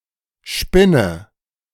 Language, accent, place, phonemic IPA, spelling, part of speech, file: German, Germany, Berlin, /ˈʃpɪnə/, Spinne, noun, De-Spinne.ogg
- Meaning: 1. spider 2. a haggard, malicious, ugly woman 3. an intersection of five or more roads or streets